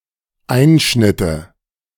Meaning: nominative/accusative/genitive plural of Einschnitt
- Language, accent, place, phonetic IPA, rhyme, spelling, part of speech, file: German, Germany, Berlin, [ˈaɪ̯nʃnɪtə], -aɪ̯nʃnɪtə, Einschnitte, noun, De-Einschnitte.ogg